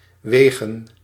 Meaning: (verb) 1. to weigh (to determine the weight or be of a specified weight) 2. to weight (to calibrate, to assign weight to individual statistics)
- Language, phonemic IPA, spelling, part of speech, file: Dutch, /ˈʋeːɣə(n)/, wegen, verb / noun, Nl-wegen.ogg